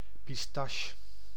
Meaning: 1. the pistachio tree (Pistacia vera) 2. its greenish, edible nut-like fruit; also sugared etc. as candy 3. a sweet resembling the above candy
- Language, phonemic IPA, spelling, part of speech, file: Dutch, /pisˈtɑʃ/, pistache, noun, Nl-pistache.ogg